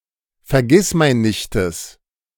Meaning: genitive of Vergissmeinnicht
- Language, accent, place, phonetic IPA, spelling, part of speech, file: German, Germany, Berlin, [fɛɐ̯ˈɡɪsmaɪ̯nnɪçtəs], Vergissmeinnichtes, noun, De-Vergissmeinnichtes.ogg